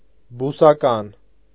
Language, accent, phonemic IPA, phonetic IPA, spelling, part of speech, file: Armenian, Eastern Armenian, /busɑˈkɑn/, [busɑkɑ́n], բուսական, adjective, Hy-բուսական.ogg
- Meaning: vegetable; plant; vegetative